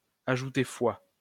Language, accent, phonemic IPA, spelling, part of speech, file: French, France, /a.ʒu.te fwa/, ajouter foi, verb, LL-Q150 (fra)-ajouter foi.wav
- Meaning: to lend credence to, to give credence to, to put faith in, to believe